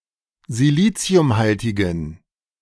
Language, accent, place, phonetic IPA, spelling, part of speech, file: German, Germany, Berlin, [ziˈliːt͡si̯ʊmˌhaltɪɡn̩], siliziumhaltigen, adjective, De-siliziumhaltigen.ogg
- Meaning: inflection of siliziumhaltig: 1. strong genitive masculine/neuter singular 2. weak/mixed genitive/dative all-gender singular 3. strong/weak/mixed accusative masculine singular 4. strong dative plural